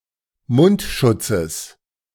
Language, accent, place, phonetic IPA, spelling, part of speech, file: German, Germany, Berlin, [ˈmʊntˌʃʊt͡səs], Mundschutzes, noun, De-Mundschutzes.ogg
- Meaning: genitive singular of Mundschutz